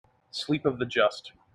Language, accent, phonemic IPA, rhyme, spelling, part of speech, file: English, General American, /ˈslip əv ðə ˈdʒʌst/, -ʌst, sleep of the just, noun, En-us-sleep of the just.mp3
- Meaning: 1. A deep and worry-free sleep 2. A peaceful death or burial